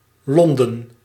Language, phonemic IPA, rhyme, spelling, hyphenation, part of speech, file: Dutch, /ˈlɔndən/, -ɔndən, Londen, Lon‧den, proper noun, Nl-Londen.ogg
- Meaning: London (the capital city of the United Kingdom; the capital city of England)